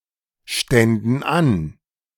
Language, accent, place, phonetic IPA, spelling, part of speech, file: German, Germany, Berlin, [ˌʃtɛndn̩ ˈan], ständen an, verb, De-ständen an.ogg
- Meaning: first/third-person plural subjunctive II of anstehen